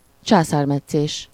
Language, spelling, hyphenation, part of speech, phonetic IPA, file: Hungarian, császármetszés, csá‧szár‧met‧szés, noun, [ˈt͡ʃaːsaːrmɛt͡sːeːʃ], Hu-császármetszés.ogg
- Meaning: Caesarean section